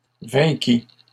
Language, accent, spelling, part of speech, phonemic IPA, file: French, Canada, vainquit, verb, /vɛ̃.ki/, LL-Q150 (fra)-vainquit.wav
- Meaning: third-person singular past historic of vaincre